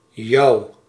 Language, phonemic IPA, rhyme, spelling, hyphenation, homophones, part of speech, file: Dutch, /jɑu̯/, -ɑu̯, jou, jou, jouw, pronoun / verb, Nl-jou.ogg
- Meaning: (pronoun) 1. you; second-person singular objective personal pronoun 2. misspelling of jouw (“your”); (verb) inflection of jouen: first-person singular present indicative